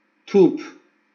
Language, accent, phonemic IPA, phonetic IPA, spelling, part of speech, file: Armenian, Eastern Armenian, /tʰupʰ/, [tʰupʰ], թուփ, noun, Hy-EA-թուփ.ogg
- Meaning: 1. bush, shrub 2. vine leaf (used in culinary)